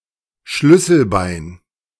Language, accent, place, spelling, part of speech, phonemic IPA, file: German, Germany, Berlin, Schlüsselbein, noun, /ˈʃlʏsəlˌbaɪ̯n/, De-Schlüsselbein.ogg
- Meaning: collarbone; clavicle